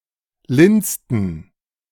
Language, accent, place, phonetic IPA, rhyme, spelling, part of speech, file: German, Germany, Berlin, [ˈlɪnt͡stn̩], -ɪnt͡stn̩, lindsten, adjective, De-lindsten.ogg
- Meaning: 1. superlative degree of lind 2. inflection of lind: strong genitive masculine/neuter singular superlative degree